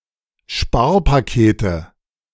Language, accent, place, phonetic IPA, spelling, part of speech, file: German, Germany, Berlin, [ˈʃpaːɐ̯paˌkeːtə], Sparpakete, noun, De-Sparpakete.ogg
- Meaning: nominative/accusative/genitive plural of Sparpaket